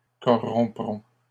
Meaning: third-person plural simple future of corrompre
- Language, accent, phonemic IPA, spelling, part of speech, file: French, Canada, /kɔ.ʁɔ̃.pʁɔ̃/, corrompront, verb, LL-Q150 (fra)-corrompront.wav